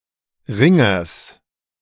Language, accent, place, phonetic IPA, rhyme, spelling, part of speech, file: German, Germany, Berlin, [ˈʁɪŋɐs], -ɪŋɐs, Ringers, noun, De-Ringers.ogg
- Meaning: genitive singular of Ringer